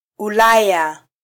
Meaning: Europe (a continent located west of Asia and north of Africa)
- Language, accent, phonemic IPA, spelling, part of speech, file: Swahili, Kenya, /uˈlɑ.jɑ/, Ulaya, proper noun, Sw-ke-Ulaya.flac